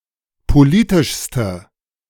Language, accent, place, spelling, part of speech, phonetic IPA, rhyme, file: German, Germany, Berlin, politischste, adjective, [poˈliːtɪʃstə], -iːtɪʃstə, De-politischste.ogg
- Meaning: inflection of politisch: 1. strong/mixed nominative/accusative feminine singular superlative degree 2. strong nominative/accusative plural superlative degree